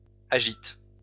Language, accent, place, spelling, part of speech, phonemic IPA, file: French, France, Lyon, agitent, verb, /a.ʒit/, LL-Q150 (fra)-agitent.wav
- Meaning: third-person plural present indicative/subjunctive of agiter